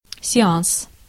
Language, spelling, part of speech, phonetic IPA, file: Russian, сеанс, noun, [sʲɪˈans], Ru-сеанс.ogg
- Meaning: session, sitting, show, showing (duration of a movie, performance etc.), séance